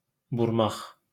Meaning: 1. to curl (to twist or form into ringlets) 2. to twist (to turn the ends in opposite directions) 3. to turn (change the direction or orientation of (something))
- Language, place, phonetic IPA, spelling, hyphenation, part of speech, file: Azerbaijani, Baku, [burˈmɑχ], burmaq, bur‧maq, verb, LL-Q9292 (aze)-burmaq.wav